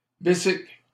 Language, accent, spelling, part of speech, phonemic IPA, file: French, Canada, bicycle, noun, /bi.sikl/, LL-Q150 (fra)-bicycle.wav
- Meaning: bicycle